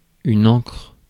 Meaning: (noun) ink; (verb) inflection of encrer: 1. first/third-person singular present indicative/subjunctive 2. second-person singular imperative
- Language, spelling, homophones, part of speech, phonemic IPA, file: French, encre, ancre / ancrent / ancres / encrent / encres, noun / verb, /ɑ̃kʁ/, Fr-encre.ogg